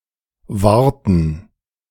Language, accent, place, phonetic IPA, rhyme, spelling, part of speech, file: German, Germany, Berlin, [ˈvaːɐ̯tn̩], -aːɐ̯tn̩, wahrten, verb, De-wahrten.ogg
- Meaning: inflection of wahren: 1. first/third-person plural preterite 2. first/third-person plural subjunctive II